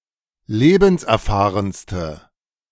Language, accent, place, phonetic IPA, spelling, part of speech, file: German, Germany, Berlin, [ˈleːbn̩sʔɛɐ̯ˌfaːʁənstə], lebenserfahrenste, adjective, De-lebenserfahrenste.ogg
- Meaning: inflection of lebenserfahren: 1. strong/mixed nominative/accusative feminine singular superlative degree 2. strong nominative/accusative plural superlative degree